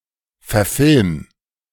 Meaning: 1. singular imperative of verfilmen 2. first-person singular present of verfilmen
- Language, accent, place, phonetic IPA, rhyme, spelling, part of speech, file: German, Germany, Berlin, [fɛɐ̯ˈfɪlm], -ɪlm, verfilm, verb, De-verfilm.ogg